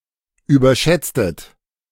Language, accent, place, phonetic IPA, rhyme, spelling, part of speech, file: German, Germany, Berlin, [yːbɐˈʃɛt͡stət], -ɛt͡stət, überschätztet, verb, De-überschätztet.ogg
- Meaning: inflection of überschätzen: 1. second-person plural preterite 2. second-person plural subjunctive II